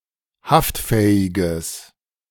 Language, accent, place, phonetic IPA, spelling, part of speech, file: German, Germany, Berlin, [ˈhaftˌfɛːɪɡəs], haftfähiges, adjective, De-haftfähiges.ogg
- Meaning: strong/mixed nominative/accusative neuter singular of haftfähig